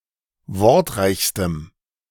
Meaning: strong dative masculine/neuter singular superlative degree of wortreich
- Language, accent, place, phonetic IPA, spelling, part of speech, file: German, Germany, Berlin, [ˈvɔʁtˌʁaɪ̯çstəm], wortreichstem, adjective, De-wortreichstem.ogg